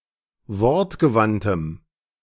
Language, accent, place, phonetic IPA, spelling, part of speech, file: German, Germany, Berlin, [ˈvɔʁtɡəˌvantəm], wortgewandtem, adjective, De-wortgewandtem.ogg
- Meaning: strong dative masculine/neuter singular of wortgewandt